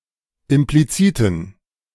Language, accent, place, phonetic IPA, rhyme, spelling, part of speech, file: German, Germany, Berlin, [ɪmpliˈt͡siːtn̩], -iːtn̩, impliziten, adjective, De-impliziten.ogg
- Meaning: inflection of implizit: 1. strong genitive masculine/neuter singular 2. weak/mixed genitive/dative all-gender singular 3. strong/weak/mixed accusative masculine singular 4. strong dative plural